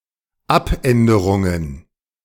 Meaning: plural of Abänderung
- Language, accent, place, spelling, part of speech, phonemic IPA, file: German, Germany, Berlin, Abänderungen, noun, /ˈʔapʔɛndəʁʊŋən/, De-Abänderungen.ogg